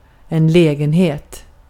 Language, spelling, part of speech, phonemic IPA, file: Swedish, lägenhet, noun, /²lɛːɡɛnheːt/, Sv-lägenhet.ogg
- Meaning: 1. apartment, flat (domicile occupying part of a building) 2. possibility, occasion, opportunity